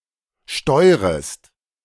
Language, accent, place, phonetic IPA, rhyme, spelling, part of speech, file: German, Germany, Berlin, [ˈʃtɔɪ̯ʁəst], -ɔɪ̯ʁəst, steurest, verb, De-steurest.ogg
- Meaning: second-person singular subjunctive I of steuern